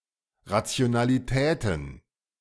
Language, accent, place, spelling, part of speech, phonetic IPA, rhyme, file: German, Germany, Berlin, Rationalitäten, noun, [ˌʁat͡si̯onaliˈtɛːtn̩], -ɛːtn̩, De-Rationalitäten.ogg
- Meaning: plural of Rationalität